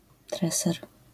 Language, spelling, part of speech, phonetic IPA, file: Polish, treser, noun, [ˈtrɛsɛr], LL-Q809 (pol)-treser.wav